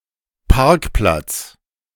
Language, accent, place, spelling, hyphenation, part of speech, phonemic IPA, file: German, Germany, Berlin, Parkplatz, Park‧platz, noun, /ˈparkˌplats/, De-Parkplatz.ogg
- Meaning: 1. parking lot, outdoor car park 2. parking space, parking spot